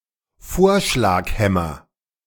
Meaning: nominative/accusative/genitive plural of Vorschlaghammer
- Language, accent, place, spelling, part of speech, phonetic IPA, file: German, Germany, Berlin, Vorschlaghämmer, noun, [ˈfoːɐ̯ʃlaːkˌhɛmɐ], De-Vorschlaghämmer.ogg